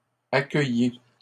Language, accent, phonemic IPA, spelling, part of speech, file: French, Canada, /a.kœ.ji/, accueillît, verb, LL-Q150 (fra)-accueillît.wav
- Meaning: third-person singular imperfect subjunctive of accueillir